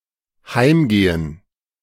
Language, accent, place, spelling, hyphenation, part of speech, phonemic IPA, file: German, Germany, Berlin, heimgehen, heim‧ge‧hen, verb, /ˈhaɪ̯mˌɡeːən/, De-heimgehen.ogg
- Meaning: 1. to go home 2. to pass away; to die